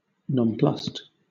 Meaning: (adjective) 1. Unsure how to act or respond; bewildered, perplexed 2. Unaffected, unfazed; unimpressed; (verb) simple past and past participle of nonplus
- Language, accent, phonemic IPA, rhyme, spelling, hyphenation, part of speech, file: English, Southern England, /nɒnˈplʌst/, -ʌst, nonplussed, non‧plussed, adjective / verb, LL-Q1860 (eng)-nonplussed.wav